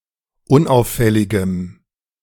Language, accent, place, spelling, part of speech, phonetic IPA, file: German, Germany, Berlin, unauffälligem, adjective, [ˈʊnˌʔaʊ̯fɛlɪɡəm], De-unauffälligem.ogg
- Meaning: strong dative masculine/neuter singular of unauffällig